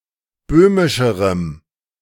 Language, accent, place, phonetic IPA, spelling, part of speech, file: German, Germany, Berlin, [ˈbøːmɪʃəʁəm], böhmischerem, adjective, De-böhmischerem.ogg
- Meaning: strong dative masculine/neuter singular comparative degree of böhmisch